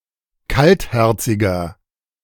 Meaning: 1. comparative degree of kaltherzig 2. inflection of kaltherzig: strong/mixed nominative masculine singular 3. inflection of kaltherzig: strong genitive/dative feminine singular
- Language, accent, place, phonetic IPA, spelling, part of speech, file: German, Germany, Berlin, [ˈkaltˌhɛʁt͡sɪɡɐ], kaltherziger, adjective, De-kaltherziger.ogg